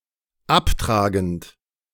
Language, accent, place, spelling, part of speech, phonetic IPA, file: German, Germany, Berlin, abtragend, verb, [ˈapˌtʁaːɡn̩t], De-abtragend.ogg
- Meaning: present participle of abtragen